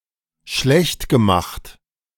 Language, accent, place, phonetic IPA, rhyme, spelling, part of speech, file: German, Germany, Berlin, [ˈʃlɛçtɡəˌmaxt], -ɛçtɡəmaxt, schlechtgemacht, verb, De-schlechtgemacht.ogg
- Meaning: past participle of schlechtmachen